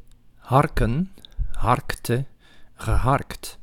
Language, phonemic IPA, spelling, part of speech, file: Dutch, /ˈhɑrkə(n)/, harken, verb / noun, Nl-harken.ogg
- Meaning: to rake, to use a rake on